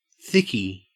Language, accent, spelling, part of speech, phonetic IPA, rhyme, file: English, Australia, thickie, noun, [ˈθɪki], -ɪki, En-au-thickie.ogg
- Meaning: a dimwit or idiot